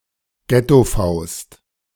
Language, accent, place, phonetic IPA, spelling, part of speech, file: German, Germany, Berlin, [ˈɡɛtoˌfaʊ̯st], Gettofaust, noun, De-Gettofaust.ogg
- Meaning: fist bump